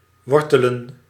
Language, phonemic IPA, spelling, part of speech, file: Dutch, /ˈʋɔr.tə.lə(n)/, wortelen, verb / noun, Nl-wortelen.ogg
- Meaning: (verb) 1. (used with in) to originate (from) 2. to ingrain, to (take) root; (noun) plural of wortel